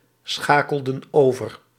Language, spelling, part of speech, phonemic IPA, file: Dutch, schakelden over, verb, /ˈsxakəldə(n) ˈovər/, Nl-schakelden over.ogg
- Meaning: inflection of overschakelen: 1. plural past indicative 2. plural past subjunctive